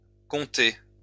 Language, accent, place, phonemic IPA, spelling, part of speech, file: French, France, Lyon, /kɔ̃.te/, comptés, verb, LL-Q150 (fra)-comptés.wav
- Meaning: masculine plural of compté